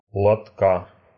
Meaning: genitive singular of лото́к (lotók)
- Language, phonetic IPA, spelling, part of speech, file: Russian, [ɫɐtˈka], лотка, noun, Ru-лотка́.ogg